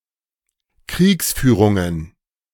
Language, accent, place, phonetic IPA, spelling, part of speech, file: German, Germany, Berlin, [ˈkʁiːksˌfyːʁʊŋən], Kriegsführungen, noun, De-Kriegsführungen.ogg
- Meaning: plural of Kriegsführung